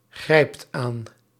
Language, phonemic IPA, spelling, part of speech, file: Dutch, /ˈɣrɛipt ˈan/, grijpt aan, verb, Nl-grijpt aan.ogg
- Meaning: inflection of aangrijpen: 1. second/third-person singular present indicative 2. plural imperative